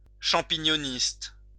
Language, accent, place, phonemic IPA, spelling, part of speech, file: French, France, Lyon, /ʃɑ̃.pi.ɲɔ.nist/, champignonniste, noun, LL-Q150 (fra)-champignonniste.wav
- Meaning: mushroom grower